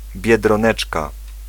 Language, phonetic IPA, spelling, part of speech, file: Polish, [ˌbʲjɛdrɔ̃ˈnɛt͡ʃka], biedroneczka, noun, Pl-biedroneczka.ogg